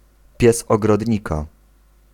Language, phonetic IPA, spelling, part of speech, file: Polish, [ˈpʲjɛs ˌɔɡrɔdʲˈɲika], pies ogrodnika, noun, Pl-pies ogrodnika.ogg